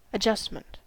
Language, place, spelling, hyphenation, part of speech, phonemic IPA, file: English, California, adjustment, a‧djust‧ment, noun, /əˈd͡ʒʌst.mənt/, En-us-adjustment.ogg
- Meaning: 1. The action of adjusting something 2. The result of adjusting something; a small change; a minor correction; a modification or alteration 3. The settling or balancing of a financial account